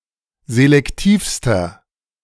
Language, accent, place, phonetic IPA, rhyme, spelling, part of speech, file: German, Germany, Berlin, [zelɛkˈtiːfstɐ], -iːfstɐ, selektivster, adjective, De-selektivster.ogg
- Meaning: inflection of selektiv: 1. strong/mixed nominative masculine singular superlative degree 2. strong genitive/dative feminine singular superlative degree 3. strong genitive plural superlative degree